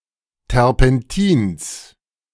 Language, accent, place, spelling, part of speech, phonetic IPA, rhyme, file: German, Germany, Berlin, Terpentins, noun, [tɛʁpɛnˈtiːns], -iːns, De-Terpentins.ogg
- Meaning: genitive singular of Terpentin